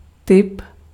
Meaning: type
- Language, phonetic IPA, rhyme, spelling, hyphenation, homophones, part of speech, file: Czech, [ˈtɪp], -ɪp, typ, typ, tip, noun, Cs-typ.ogg